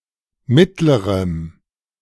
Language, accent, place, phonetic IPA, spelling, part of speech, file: German, Germany, Berlin, [ˈmɪtləʁəm], mittlerem, adjective, De-mittlerem.ogg
- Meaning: strong dative masculine/neuter singular comparative degree of mittel